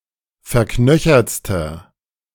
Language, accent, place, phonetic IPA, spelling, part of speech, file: German, Germany, Berlin, [fɛɐ̯ˈknœçɐt͡stɐ], verknöchertster, adjective, De-verknöchertster.ogg
- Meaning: inflection of verknöchert: 1. strong/mixed nominative masculine singular superlative degree 2. strong genitive/dative feminine singular superlative degree 3. strong genitive plural superlative degree